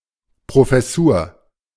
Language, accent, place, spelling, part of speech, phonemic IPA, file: German, Germany, Berlin, Professur, noun, /pʁofɛˈsuːɐ̯/, De-Professur.ogg
- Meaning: professorship, chair